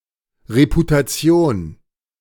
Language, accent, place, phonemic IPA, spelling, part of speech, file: German, Germany, Berlin, /ʁeputaˈt͡si̯on/, Reputation, noun, De-Reputation.ogg
- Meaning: reputation